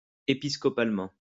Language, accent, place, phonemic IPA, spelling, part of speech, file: French, France, Lyon, /e.pis.kɔ.pal.mɑ̃/, épiscopalement, adverb, LL-Q150 (fra)-épiscopalement.wav
- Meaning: episcopally